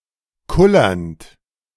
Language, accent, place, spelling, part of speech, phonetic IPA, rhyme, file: German, Germany, Berlin, kullernd, verb, [ˈkʊlɐnt], -ʊlɐnt, De-kullernd.ogg
- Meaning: present participle of kullern